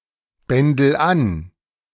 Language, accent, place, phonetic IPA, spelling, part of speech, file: German, Germany, Berlin, [ˌbɛndl̩ ˈan], bändel an, verb, De-bändel an.ogg
- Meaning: inflection of anbändeln: 1. first-person singular present 2. singular imperative